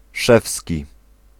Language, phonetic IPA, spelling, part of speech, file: Polish, [ˈʃɛfsʲci], szewski, adjective, Pl-szewski.ogg